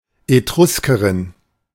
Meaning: Etruscan (woman from Etruria)
- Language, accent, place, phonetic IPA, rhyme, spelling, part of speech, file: German, Germany, Berlin, [eˈtʁʊskəʁɪn], -ʊskəʁɪn, Etruskerin, noun, De-Etruskerin.ogg